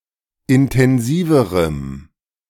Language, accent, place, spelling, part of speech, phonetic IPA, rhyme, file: German, Germany, Berlin, intensiverem, adjective, [ɪntɛnˈziːvəʁəm], -iːvəʁəm, De-intensiverem.ogg
- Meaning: strong dative masculine/neuter singular comparative degree of intensiv